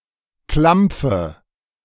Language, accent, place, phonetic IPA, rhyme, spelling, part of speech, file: German, Germany, Berlin, [ˈklamp͡fə], -amp͡fə, Klampfe, noun, De-Klampfe.ogg
- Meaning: 1. guitar 2. clamp (tool)